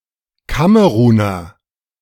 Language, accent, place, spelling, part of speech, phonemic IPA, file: German, Germany, Berlin, Kameruner, noun, /ˈkaməʁuːnɐ/, De-Kameruner.ogg
- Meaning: 1. Cameroonian (male or of unspecified gender) (person from Cameroon or of Cameroonian descent) 2. A doughnut-like pastry having an oblong or figure-eight shape